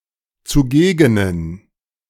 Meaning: inflection of zugegen: 1. strong genitive masculine/neuter singular 2. weak/mixed genitive/dative all-gender singular 3. strong/weak/mixed accusative masculine singular 4. strong dative plural
- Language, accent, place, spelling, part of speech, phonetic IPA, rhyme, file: German, Germany, Berlin, zugegenen, adjective, [t͡suˈɡeːɡənən], -eːɡənən, De-zugegenen.ogg